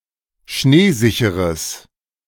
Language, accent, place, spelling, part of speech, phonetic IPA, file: German, Germany, Berlin, schneesicheres, adjective, [ˈʃneːˌzɪçəʁəs], De-schneesicheres.ogg
- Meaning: strong/mixed nominative/accusative neuter singular of schneesicher